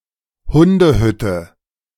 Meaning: doghouse; kennel (small cabin for a dog, usually of wood, e.g. in a garden)
- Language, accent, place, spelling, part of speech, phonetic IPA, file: German, Germany, Berlin, Hundehütte, noun, [ˈhʊndəˌhʏtə], De-Hundehütte.ogg